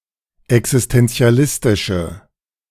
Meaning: inflection of existentialistisch: 1. strong/mixed nominative/accusative feminine singular 2. strong nominative/accusative plural 3. weak nominative all-gender singular
- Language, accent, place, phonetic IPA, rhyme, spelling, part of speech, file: German, Germany, Berlin, [ɛksɪstɛnt͡si̯aˈlɪstɪʃə], -ɪstɪʃə, existentialistische, adjective, De-existentialistische.ogg